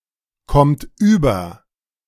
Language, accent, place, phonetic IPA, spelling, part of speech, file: German, Germany, Berlin, [ˈkɔmt yːbɐ], kommt über, verb, De-kommt über.ogg
- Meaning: inflection of überkommen: 1. third-person singular present 2. second-person plural present 3. plural imperative